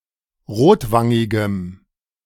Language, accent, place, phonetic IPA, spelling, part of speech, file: German, Germany, Berlin, [ˈʁoːtˌvaŋɪɡəm], rotwangigem, adjective, De-rotwangigem.ogg
- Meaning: strong dative masculine/neuter singular of rotwangig